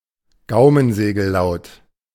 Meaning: velar
- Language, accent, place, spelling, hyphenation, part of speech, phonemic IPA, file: German, Germany, Berlin, Gaumensegellaut, Gau‧men‧se‧gel‧laut, noun, /ˈɡaʊ̯mənzeːɡl̩ˌlaʊ̯t/, De-Gaumensegellaut.ogg